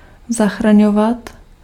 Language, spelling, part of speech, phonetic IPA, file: Czech, zachraňovat, verb, [ˈzaxraɲovat], Cs-zachraňovat.ogg
- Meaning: to save